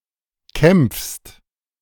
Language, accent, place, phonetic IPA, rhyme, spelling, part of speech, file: German, Germany, Berlin, [kɛmp͡fst], -ɛmp͡fst, kämpfst, verb, De-kämpfst.ogg
- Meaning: second-person singular present of kämpfen